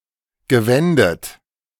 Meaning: past participle of wenden
- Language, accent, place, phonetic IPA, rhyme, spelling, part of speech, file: German, Germany, Berlin, [ɡəˈvɛndət], -ɛndət, gewendet, verb, De-gewendet.ogg